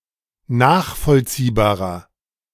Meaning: 1. comparative degree of nachvollziehbar 2. inflection of nachvollziehbar: strong/mixed nominative masculine singular 3. inflection of nachvollziehbar: strong genitive/dative feminine singular
- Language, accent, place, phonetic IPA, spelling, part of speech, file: German, Germany, Berlin, [ˈnaːxfɔlt͡siːbaːʁɐ], nachvollziehbarer, adjective, De-nachvollziehbarer.ogg